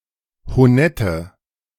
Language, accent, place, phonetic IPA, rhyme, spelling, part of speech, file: German, Germany, Berlin, [hoˈnɛtə], -ɛtə, honette, adjective, De-honette.ogg
- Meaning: inflection of honett: 1. strong/mixed nominative/accusative feminine singular 2. strong nominative/accusative plural 3. weak nominative all-gender singular 4. weak accusative feminine/neuter singular